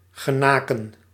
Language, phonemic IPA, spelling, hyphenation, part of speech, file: Dutch, /ɣəˈnaːkə(n)/, genaken, ge‧na‧ken, verb, Nl-genaken.ogg
- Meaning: to approach, to draw near